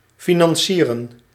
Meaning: to finance
- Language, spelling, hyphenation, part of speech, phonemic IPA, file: Dutch, financieren, fi‧nan‧cie‧ren, verb, /finɑnˈsiːrə(n)/, Nl-financieren.ogg